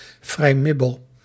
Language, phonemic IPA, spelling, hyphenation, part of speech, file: Dutch, /ˈvrɛi̯miboː/, vrijmibo, vrij‧mi‧bo, noun, Nl-vrijmibo.ogg
- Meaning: an informal meetup, usually involving alcoholic drinks and snacks, held on Friday afternoon (typically with one's colleagues or friends) at the end of the workweek